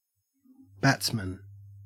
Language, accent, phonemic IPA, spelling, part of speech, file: English, Australia, /ˈbætsmən/, batsman, noun, En-au-batsman.ogg
- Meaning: 1. A player of the batting side now on the field 2. The player now receiving strike; the striker 3. Any player selected for his or her team principally to bat, as opposed to a bowler 4. A hitter